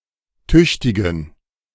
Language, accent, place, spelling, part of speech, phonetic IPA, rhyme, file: German, Germany, Berlin, tüchtigen, adjective, [ˈtʏçtɪɡn̩], -ʏçtɪɡn̩, De-tüchtigen.ogg
- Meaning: inflection of tüchtig: 1. strong genitive masculine/neuter singular 2. weak/mixed genitive/dative all-gender singular 3. strong/weak/mixed accusative masculine singular 4. strong dative plural